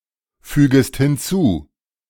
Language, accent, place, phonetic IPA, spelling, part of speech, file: German, Germany, Berlin, [ˌfyːɡəst hɪnˈt͡suː], fügest hinzu, verb, De-fügest hinzu.ogg
- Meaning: second-person singular subjunctive I of hinzufügen